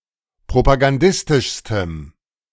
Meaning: strong dative masculine/neuter singular superlative degree of propagandistisch
- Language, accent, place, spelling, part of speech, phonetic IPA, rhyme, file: German, Germany, Berlin, propagandistischstem, adjective, [pʁopaɡanˈdɪstɪʃstəm], -ɪstɪʃstəm, De-propagandistischstem.ogg